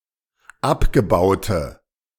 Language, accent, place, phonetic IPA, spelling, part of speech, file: German, Germany, Berlin, [ˈapɡəˌbaʊ̯tə], abgebaute, adjective, De-abgebaute.ogg
- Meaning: inflection of abgebaut: 1. strong/mixed nominative/accusative feminine singular 2. strong nominative/accusative plural 3. weak nominative all-gender singular